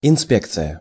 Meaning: 1. inspection 2. organisation intended to carry out inspections
- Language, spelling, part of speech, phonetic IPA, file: Russian, инспекция, noun, [ɪnˈspʲekt͡sɨjə], Ru-инспекция.ogg